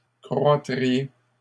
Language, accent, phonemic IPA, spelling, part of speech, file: French, Canada, /kʁwa.tʁi.je/, croîtriez, verb, LL-Q150 (fra)-croîtriez.wav
- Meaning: second-person plural conditional of croître